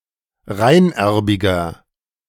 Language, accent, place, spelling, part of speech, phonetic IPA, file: German, Germany, Berlin, reinerbiger, adjective, [ˈʁaɪ̯nˌʔɛʁbɪɡɐ], De-reinerbiger.ogg
- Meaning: inflection of reinerbig: 1. strong/mixed nominative masculine singular 2. strong genitive/dative feminine singular 3. strong genitive plural